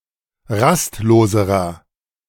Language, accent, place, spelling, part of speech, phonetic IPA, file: German, Germany, Berlin, rastloserer, adjective, [ˈʁastˌloːzəʁɐ], De-rastloserer.ogg
- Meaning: inflection of rastlos: 1. strong/mixed nominative masculine singular comparative degree 2. strong genitive/dative feminine singular comparative degree 3. strong genitive plural comparative degree